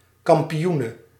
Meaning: female champion
- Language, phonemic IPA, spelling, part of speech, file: Dutch, /kɑm.piˈju.nə/, kampioene, noun, Nl-kampioene.ogg